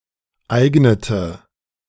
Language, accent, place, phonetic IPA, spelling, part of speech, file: German, Germany, Berlin, [ˈaɪ̯ɡnətə], eignete, verb, De-eignete.ogg
- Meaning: inflection of eignen: 1. first/third-person singular preterite 2. first/third-person singular subjunctive II